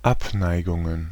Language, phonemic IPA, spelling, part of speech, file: German, /ˈʔapˌnaɪ̯ɡʊŋən/, Abneigungen, noun, De-Abneigungen.ogg
- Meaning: plural of Abneigung